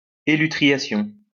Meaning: elutriation
- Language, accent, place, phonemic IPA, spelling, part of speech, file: French, France, Lyon, /e.ly.tʁi.ja.sjɔ̃/, élutriation, noun, LL-Q150 (fra)-élutriation.wav